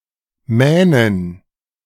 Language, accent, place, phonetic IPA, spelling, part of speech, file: German, Germany, Berlin, [ˈmɛːnən], Mähnen, noun, De-Mähnen.ogg
- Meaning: plural of Mähne